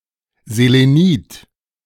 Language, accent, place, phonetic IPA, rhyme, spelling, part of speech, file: German, Germany, Berlin, [zeleˈniːt], -iːt, Selenid, noun, De-Selenid.ogg
- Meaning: selenide